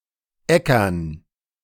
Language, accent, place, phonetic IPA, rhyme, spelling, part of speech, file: German, Germany, Berlin, [ˈɛkɐn], -ɛkɐn, Äckern, noun, De-Äckern.ogg
- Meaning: dative plural of Acker